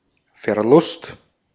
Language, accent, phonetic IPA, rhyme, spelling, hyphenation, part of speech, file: German, Austria, [fɛɐ̯ˈlʊst], -ʊst, Verlust, Ver‧lust, noun, De-at-Verlust.ogg
- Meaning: loss (all senses, except defeat, for which Niederlage is used)